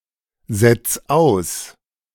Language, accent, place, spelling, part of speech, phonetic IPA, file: German, Germany, Berlin, setz aus, verb, [ˌzɛt͡s ˈaʊ̯s], De-setz aus.ogg
- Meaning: 1. singular imperative of aussetzen 2. first-person singular present of aussetzen